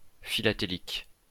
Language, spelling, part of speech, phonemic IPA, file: French, philatélique, adjective, /fi.la.te.lik/, LL-Q150 (fra)-philatélique.wav
- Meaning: philatelic (stamp collecting)